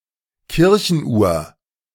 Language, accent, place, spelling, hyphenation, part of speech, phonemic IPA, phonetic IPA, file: German, Germany, Berlin, Kirchenuhr, Kir‧chen‧uhr, noun, /ˈkɪʁçənˌ.uːɐ̯/, [ˈkɪrçn̩ʔuːɐ̯], De-Kirchenuhr.ogg
- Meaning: church clock